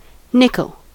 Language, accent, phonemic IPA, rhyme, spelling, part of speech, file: English, US, /ˈnɪk.əl/, -ɪkəl, nickel, noun / adjective / verb, En-us-nickel.ogg
- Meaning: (noun) 1. A silvery elemental metal with an atomic number of 28 and symbol Ni 2. A coin worth 5 cents 3. Five dollars 4. Five hundred dollars